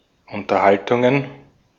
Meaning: plural of Unterhaltung
- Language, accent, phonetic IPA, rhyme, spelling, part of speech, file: German, Austria, [ʊntɐˈhaltʊŋən], -altʊŋən, Unterhaltungen, noun, De-at-Unterhaltungen.ogg